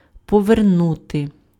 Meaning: 1. to turn (change the direction or orientation of) 2. to return, to give back, to restore 3. to repay, to pay back, to reimburse (:money, debt)
- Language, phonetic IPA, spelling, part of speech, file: Ukrainian, [pɔʋerˈnute], повернути, verb, Uk-повернути.ogg